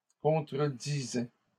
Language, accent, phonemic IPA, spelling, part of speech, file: French, Canada, /kɔ̃.tʁə.di.zɛ/, contredisaient, verb, LL-Q150 (fra)-contredisaient.wav
- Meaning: third-person plural imperfect indicative of contredire